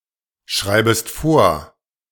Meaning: second-person singular subjunctive I of vorschreiben
- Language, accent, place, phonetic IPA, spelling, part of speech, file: German, Germany, Berlin, [ˌʃʁaɪ̯bəst ˈfoːɐ̯], schreibest vor, verb, De-schreibest vor.ogg